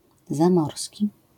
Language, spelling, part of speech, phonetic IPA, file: Polish, zamorski, adjective, [zãˈmɔrsʲci], LL-Q809 (pol)-zamorski.wav